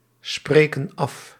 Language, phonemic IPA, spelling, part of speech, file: Dutch, /ˈsprekə(n) ˈɑf/, spreken af, verb, Nl-spreken af.ogg
- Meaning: inflection of afspreken: 1. plural present indicative 2. plural present subjunctive